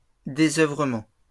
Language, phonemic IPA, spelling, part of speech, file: French, /de.zœ.vʁə.mɑ̃/, désœuvrement, noun, LL-Q150 (fra)-désœuvrement.wav
- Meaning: idleness